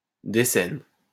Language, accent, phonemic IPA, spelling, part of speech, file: French, France, /de.sɛn/, décène, noun, LL-Q150 (fra)-décène.wav
- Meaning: decene